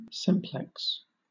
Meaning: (adjective) Having a single structure; not composite or complex; undivided, unitary
- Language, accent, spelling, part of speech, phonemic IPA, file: English, Southern England, simplex, adjective / noun, /ˈsɪmplɛks/, LL-Q1860 (eng)-simplex.wav